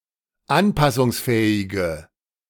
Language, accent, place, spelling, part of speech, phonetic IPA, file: German, Germany, Berlin, anpassungsfähige, adjective, [ˈanpasʊŋsˌfɛːɪɡə], De-anpassungsfähige.ogg
- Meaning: inflection of anpassungsfähig: 1. strong/mixed nominative/accusative feminine singular 2. strong nominative/accusative plural 3. weak nominative all-gender singular